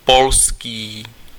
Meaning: Polish
- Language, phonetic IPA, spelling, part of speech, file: Czech, [ˈpolskiː], polský, adjective, Cs-polský.ogg